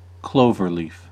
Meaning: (adjective) In the form of the leaf of a clover plant; cloverleafed; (noun) 1. The leaf of a clover plant 2. (with plural cloverleafs or cloverleaves) Ellipsis of cloverleaf interchange
- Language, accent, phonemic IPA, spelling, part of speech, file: English, US, /ˈkloʊvɚliːf/, cloverleaf, adjective / noun / verb, En-us-cloverleaf.ogg